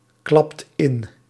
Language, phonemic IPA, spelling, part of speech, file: Dutch, /ˈklɑpt ˈɪn/, klapt in, verb, Nl-klapt in.ogg
- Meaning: inflection of inklappen: 1. second/third-person singular present indicative 2. plural imperative